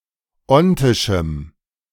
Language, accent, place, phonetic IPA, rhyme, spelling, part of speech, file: German, Germany, Berlin, [ˈɔntɪʃm̩], -ɔntɪʃm̩, ontischem, adjective, De-ontischem.ogg
- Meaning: strong dative masculine/neuter singular of ontisch